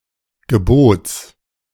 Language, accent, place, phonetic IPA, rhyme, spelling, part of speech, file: German, Germany, Berlin, [ɡəˈboːt͡s], -oːt͡s, Gebots, noun, De-Gebots.ogg
- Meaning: genitive singular of Gebot